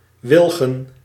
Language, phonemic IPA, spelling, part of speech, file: Dutch, /ˈwɪlɣə(n)/, wilgen, adjective / noun, Nl-wilgen.ogg
- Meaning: plural of wilg